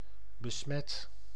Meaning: 1. inflection of besmetten: first/second/third-person singular present indicative 2. inflection of besmetten: imperative 3. past participle of besmetten
- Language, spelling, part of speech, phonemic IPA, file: Dutch, besmet, verb / adjective, /bəˈsmɛt/, Nl-besmet.ogg